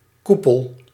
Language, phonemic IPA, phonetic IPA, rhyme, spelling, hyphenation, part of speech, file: Dutch, /ˈku.pəl/, [ˈku.pəl], -upəl, koepel, koe‧pel, noun, Nl-koepel.ogg
- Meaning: cupola, dome